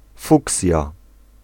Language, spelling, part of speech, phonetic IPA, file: Polish, fuksja, noun, [ˈfuksʲja], Pl-fuksja.ogg